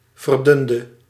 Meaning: inflection of verdunnen: 1. singular past indicative 2. singular past subjunctive
- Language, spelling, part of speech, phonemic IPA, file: Dutch, verdunde, verb, /vərˈdʏndə/, Nl-verdunde.ogg